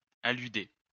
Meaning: to allude
- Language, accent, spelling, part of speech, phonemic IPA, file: French, France, alluder, verb, /a.ly.de/, LL-Q150 (fra)-alluder.wav